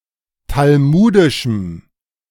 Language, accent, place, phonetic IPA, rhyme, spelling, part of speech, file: German, Germany, Berlin, [talˈmuːdɪʃm̩], -uːdɪʃm̩, talmudischem, adjective, De-talmudischem.ogg
- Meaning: strong dative masculine/neuter singular of talmudisch